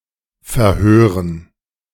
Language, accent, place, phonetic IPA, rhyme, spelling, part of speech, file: German, Germany, Berlin, [fɛɐ̯ˈhøːʁən], -øːʁən, Verhören, noun, De-Verhören.ogg
- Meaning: 1. gerund of verhören 2. dative plural of Verhör